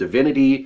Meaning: 1. The state, position, or fact of being a god or God 2. The state, position, or fact of being a god or God.: Synonym of deity
- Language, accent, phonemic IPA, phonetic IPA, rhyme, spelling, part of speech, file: English, US, /dɪˈvɪnɪti/, [dɪˈvɪnɪɾi], -ɪnɪti, divinity, noun, En-us-divinity.ogg